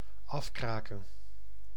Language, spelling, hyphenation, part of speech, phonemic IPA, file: Dutch, afkraken, af‧kra‧ken, verb, /ˈɑfˌkraː.kə(n)/, Nl-afkraken.ogg
- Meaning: 1. to criticise in a petty and destructive manner 2. to crack off, to break off with a crack